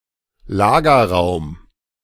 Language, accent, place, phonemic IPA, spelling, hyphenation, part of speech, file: German, Germany, Berlin, /ˈlaːɡɐˌʁaʊ̯m/, Lagerraum, La‧ger‧raum, noun, De-Lagerraum.ogg
- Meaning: storage room